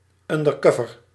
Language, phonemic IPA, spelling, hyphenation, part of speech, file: Dutch, /ˌɑn.dərˈkɑ.vər/, undercover, un‧der‧co‧ver, adjective / adverb, Nl-undercover.ogg
- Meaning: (adjective) undercover; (adverb) undercover (in a covert fashion, not using one's real identity)